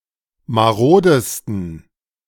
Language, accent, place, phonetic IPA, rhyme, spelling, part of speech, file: German, Germany, Berlin, [maˈʁoːdəstn̩], -oːdəstn̩, marodesten, adjective, De-marodesten.ogg
- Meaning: 1. superlative degree of marode 2. inflection of marode: strong genitive masculine/neuter singular superlative degree